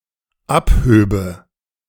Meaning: first/third-person singular dependent subjunctive II of abheben
- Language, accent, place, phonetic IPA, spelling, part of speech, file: German, Germany, Berlin, [ˈapˌhøːbə], abhöbe, verb, De-abhöbe.ogg